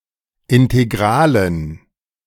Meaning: dative plural of Integral
- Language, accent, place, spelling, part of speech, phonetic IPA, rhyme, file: German, Germany, Berlin, Integralen, noun, [ɪnteˈɡʁaːlən], -aːlən, De-Integralen.ogg